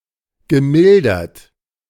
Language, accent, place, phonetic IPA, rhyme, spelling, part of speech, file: German, Germany, Berlin, [ɡəˈmɪldɐt], -ɪldɐt, gemildert, verb, De-gemildert.ogg
- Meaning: past participle of mildern